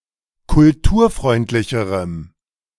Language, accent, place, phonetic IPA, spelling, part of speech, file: German, Germany, Berlin, [kʊlˈtuːɐ̯ˌfʁɔɪ̯ntlɪçəʁəm], kulturfreundlicherem, adjective, De-kulturfreundlicherem.ogg
- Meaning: strong dative masculine/neuter singular comparative degree of kulturfreundlich